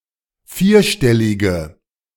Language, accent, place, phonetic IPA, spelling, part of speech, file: German, Germany, Berlin, [ˈfiːɐ̯ˌʃtɛlɪɡə], vierstellige, adjective, De-vierstellige.ogg
- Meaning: inflection of vierstellig: 1. strong/mixed nominative/accusative feminine singular 2. strong nominative/accusative plural 3. weak nominative all-gender singular